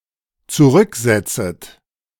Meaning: second-person plural dependent subjunctive I of zurücksetzen
- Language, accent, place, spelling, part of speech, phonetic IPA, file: German, Germany, Berlin, zurücksetzet, verb, [t͡suˈʁʏkˌzɛt͡sət], De-zurücksetzet.ogg